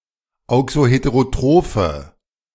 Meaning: inflection of auxoheterotroph: 1. strong/mixed nominative/accusative feminine singular 2. strong nominative/accusative plural 3. weak nominative all-gender singular
- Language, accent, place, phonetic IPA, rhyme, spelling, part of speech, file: German, Germany, Berlin, [ˌaʊ̯ksoˌheteʁoˈtʁoːfə], -oːfə, auxoheterotrophe, adjective, De-auxoheterotrophe.ogg